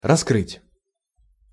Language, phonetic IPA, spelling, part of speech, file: Russian, [rɐˈskrɨtʲ], раскрыть, verb, Ru-раскрыть.ogg
- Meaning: 1. to open 2. to uncover, to expose, to bare 3. to disclose, to reveal, to discover 4. to solve (a murder)